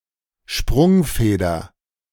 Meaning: A spring, made of flexible material, as in a car to absorb shocks
- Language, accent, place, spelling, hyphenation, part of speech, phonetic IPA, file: German, Germany, Berlin, Sprungfeder, Sprung‧fe‧der, noun, [ˈʃprʊŋfeːdɐ], De-Sprungfeder.ogg